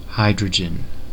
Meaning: The lightest chemical element (symbol H), with an atomic number of 1 and atomic weight of 1.008
- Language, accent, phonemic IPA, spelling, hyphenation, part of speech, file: English, General American, /ˈhaɪdɹəd͡ʒ(ə)n/, hydrogen, hy‧dro‧gen, noun, En-us-hydrogen.ogg